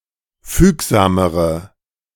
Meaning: inflection of fügsam: 1. strong/mixed nominative/accusative feminine singular comparative degree 2. strong nominative/accusative plural comparative degree
- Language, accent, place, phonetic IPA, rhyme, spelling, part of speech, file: German, Germany, Berlin, [ˈfyːkzaːməʁə], -yːkzaːməʁə, fügsamere, adjective, De-fügsamere.ogg